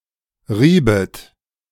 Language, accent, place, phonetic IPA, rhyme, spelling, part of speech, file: German, Germany, Berlin, [ˈʁiːbət], -iːbət, riebet, verb, De-riebet.ogg
- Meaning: second-person plural subjunctive II of reiben